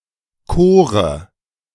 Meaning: kore
- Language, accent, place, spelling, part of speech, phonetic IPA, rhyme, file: German, Germany, Berlin, Kore, noun, [ˈkoːʁə], -oːʁə, De-Kore.ogg